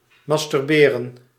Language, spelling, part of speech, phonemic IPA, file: Dutch, masturberen, verb, /mɑstʏrˈberə(n)/, Nl-masturberen.ogg
- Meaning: to masturbate